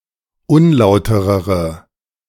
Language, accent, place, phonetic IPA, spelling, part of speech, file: German, Germany, Berlin, [ˈʊnˌlaʊ̯təʁəʁə], unlauterere, adjective, De-unlauterere.ogg
- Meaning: inflection of unlauter: 1. strong/mixed nominative/accusative feminine singular comparative degree 2. strong nominative/accusative plural comparative degree